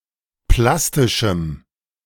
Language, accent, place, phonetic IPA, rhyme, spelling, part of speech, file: German, Germany, Berlin, [ˈplastɪʃm̩], -astɪʃm̩, plastischem, adjective, De-plastischem.ogg
- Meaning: strong dative masculine/neuter singular of plastisch